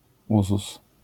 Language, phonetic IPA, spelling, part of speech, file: Polish, [ˈuzus], uzus, noun, LL-Q809 (pol)-uzus.wav